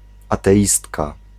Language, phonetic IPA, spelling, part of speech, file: Polish, [ˌatɛˈʲistka], ateistka, noun, Pl-ateistka.ogg